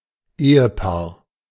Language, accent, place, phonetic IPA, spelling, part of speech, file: German, Germany, Berlin, [ˈeːəˌpaːɐ̯], Ehepaar, noun, De-Ehepaar.ogg
- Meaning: married couple